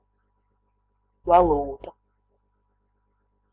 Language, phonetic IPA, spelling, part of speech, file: Latvian, [valùːta], valūta, noun, Lv-valūta.ogg
- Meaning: currency (a specific, usually foreign, country's official money)